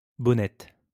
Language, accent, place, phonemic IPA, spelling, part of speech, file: French, France, Lyon, /bɔ.nɛt/, bonnette, noun, LL-Q150 (fra)-bonnette.wav
- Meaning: windshield